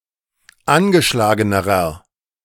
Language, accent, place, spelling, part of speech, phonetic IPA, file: German, Germany, Berlin, angeschlagenerer, adjective, [ˈanɡəˌʃlaːɡənəʁɐ], De-angeschlagenerer.ogg
- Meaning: inflection of angeschlagen: 1. strong/mixed nominative masculine singular comparative degree 2. strong genitive/dative feminine singular comparative degree 3. strong genitive plural comparative degree